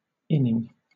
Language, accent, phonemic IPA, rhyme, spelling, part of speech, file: English, Southern England, /ˈɪnɪŋ/, -ɪnɪŋ, inning, noun, LL-Q1860 (eng)-inning.wav